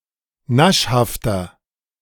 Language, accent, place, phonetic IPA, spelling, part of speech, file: German, Germany, Berlin, [ˈnaʃhaftɐ], naschhafter, adjective, De-naschhafter.ogg
- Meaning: 1. comparative degree of naschhaft 2. inflection of naschhaft: strong/mixed nominative masculine singular 3. inflection of naschhaft: strong genitive/dative feminine singular